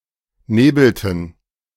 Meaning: inflection of nebeln: 1. first/third-person plural preterite 2. first/third-person plural subjunctive II
- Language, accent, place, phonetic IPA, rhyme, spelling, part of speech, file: German, Germany, Berlin, [ˈneːbl̩tn̩], -eːbl̩tn̩, nebelten, verb, De-nebelten.ogg